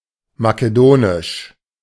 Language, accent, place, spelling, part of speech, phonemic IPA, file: German, Germany, Berlin, makedonisch, adjective, /makeˈdoːnɪʃ/, De-makedonisch.ogg
- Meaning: Macedonian